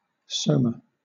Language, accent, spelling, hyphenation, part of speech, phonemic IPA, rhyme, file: English, Southern England, soma, so‧ma, noun, /ˈsəʊmə/, -əʊmə, LL-Q1860 (eng)-soma.wav
- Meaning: 1. The whole axial portion of an animal, including the head, neck, trunk, and tail 2. The body of an organism in contrast to the germ cells 3. The bulbous part of a neuron, containing the cell nucleus